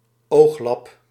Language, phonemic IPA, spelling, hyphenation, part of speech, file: Dutch, /ˈoxlɑp/, ooglap, oog‧lap, noun, Nl-ooglap.ogg
- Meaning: eye patch